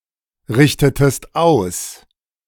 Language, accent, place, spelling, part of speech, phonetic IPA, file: German, Germany, Berlin, richtetest aus, verb, [ˌʁɪçtətəst ˈaʊ̯s], De-richtetest aus.ogg
- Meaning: inflection of ausrichten: 1. second-person singular preterite 2. second-person singular subjunctive II